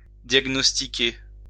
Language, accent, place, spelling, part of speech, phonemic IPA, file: French, France, Lyon, diagnostiquer, verb, /djaɡ.nɔs.ti.ke/, LL-Q150 (fra)-diagnostiquer.wav
- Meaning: to diagnose (to determine which disease is causing a sick person's signs and symptoms; to find the diagnosis)